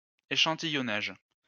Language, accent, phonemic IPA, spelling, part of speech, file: French, France, /e.ʃɑ̃.ti.jɔ.naʒ/, échantillonnage, noun, LL-Q150 (fra)-échantillonnage.wav
- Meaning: sampling